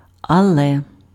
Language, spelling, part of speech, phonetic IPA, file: Ukrainian, але, conjunction, [ɐˈɫɛ], Uk-але.ogg
- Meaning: but (rather)